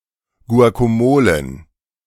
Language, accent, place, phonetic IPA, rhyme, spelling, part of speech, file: German, Germany, Berlin, [ɡu̯akaˈmoːlən], -oːlən, Guacamolen, noun, De-Guacamolen.ogg
- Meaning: plural of Guacamole